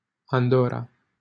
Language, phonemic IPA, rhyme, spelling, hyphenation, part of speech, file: Romanian, /anˈdo.ra/, -ora, Andorra, An‧dor‧ra, proper noun, LL-Q7913 (ron)-Andorra.wav
- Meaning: Andorra (a microstate in Southern Europe, between Spain and France)